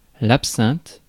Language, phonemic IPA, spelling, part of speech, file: French, /ap.sɛ̃t/, absinthe, noun, Fr-absinthe.ogg
- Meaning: 1. wormwood (Artemisia absinthium) 2. absinthe